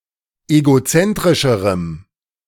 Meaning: strong dative masculine/neuter singular comparative degree of egozentrisch
- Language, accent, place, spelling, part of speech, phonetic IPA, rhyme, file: German, Germany, Berlin, egozentrischerem, adjective, [eɡoˈt͡sɛntʁɪʃəʁəm], -ɛntʁɪʃəʁəm, De-egozentrischerem.ogg